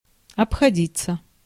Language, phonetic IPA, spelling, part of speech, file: Russian, [ɐpxɐˈdʲit͡sːə], обходиться, verb, Ru-обходиться.ogg
- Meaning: 1. to cost; to come to 2. to treat 3. to be able to do without 4. to turn out, to work out 5. passive of обходи́ть (obxodítʹ)